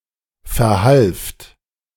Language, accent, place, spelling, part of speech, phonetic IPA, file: German, Germany, Berlin, verhalft, verb, [fɛɐ̯ˈhalft], De-verhalft.ogg
- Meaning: second-person plural preterite of verhelfen